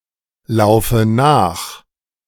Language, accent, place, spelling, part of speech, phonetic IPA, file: German, Germany, Berlin, laufe nach, verb, [ˌlaʊ̯fə ˈnaːx], De-laufe nach.ogg
- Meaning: inflection of nachlaufen: 1. first-person singular present 2. first/third-person singular subjunctive I 3. singular imperative